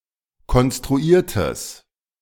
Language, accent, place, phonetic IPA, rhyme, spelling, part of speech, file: German, Germany, Berlin, [kɔnstʁuˈiːɐ̯təs], -iːɐ̯təs, konstruiertes, adjective, De-konstruiertes.ogg
- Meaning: strong/mixed nominative/accusative neuter singular of konstruiert